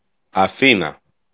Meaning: Athens (the capital city of Greece)
- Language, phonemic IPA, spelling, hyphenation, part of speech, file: Greek, /aˈθina/, Αθήνα, Α‧θή‧να, proper noun, El-Αθήνα.ogg